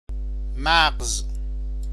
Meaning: 1. brain 2. marrow
- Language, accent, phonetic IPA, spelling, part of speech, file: Persian, Iran, [mæɢz], مغز, noun, Fa-مغز.ogg